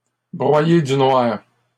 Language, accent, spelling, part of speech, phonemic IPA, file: French, Canada, broyer du noir, verb, /bʁwa.je dy nwaʁ/, LL-Q150 (fra)-broyer du noir.wav
- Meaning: to brood (to have negative thoughts)